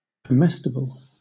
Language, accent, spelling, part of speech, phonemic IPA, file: English, Southern England, comestible, adjective / noun, /kəˈmɛstɪbl̩/, LL-Q1860 (eng)-comestible.wav
- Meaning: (adjective) Suitable to be eaten; edible; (noun) Anything that can be eaten; food